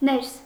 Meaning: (postposition) in, inside; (noun) the inside
- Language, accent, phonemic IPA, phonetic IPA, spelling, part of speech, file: Armenian, Eastern Armenian, /neɾs/, [neɾs], ներս, postposition / noun, Hy-ներս.ogg